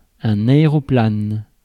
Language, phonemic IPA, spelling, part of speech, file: French, /a.e.ʁɔ.plan/, aéroplane, noun, Fr-aéroplane.ogg
- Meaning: aeroplane